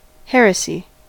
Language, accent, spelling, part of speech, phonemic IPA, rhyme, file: English, US, heresy, noun, /ˈhɛɹəsi/, -ɛɹəsi, En-us-heresy.ogg
- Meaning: A doctrine held by a member of a religion at variance or conflict with established religious beliefs